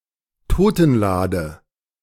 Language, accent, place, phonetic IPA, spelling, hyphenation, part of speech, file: German, Germany, Berlin, [ˈtoːtn̩laːdə], Totenlade, To‧ten‧la‧de, noun, De-Totenlade.ogg
- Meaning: coffin